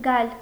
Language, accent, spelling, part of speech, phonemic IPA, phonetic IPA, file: Armenian, Eastern Armenian, գայլ, noun, /ɡɑjl/, [ɡɑjl], Hy-գայլ.ogg
- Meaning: wolf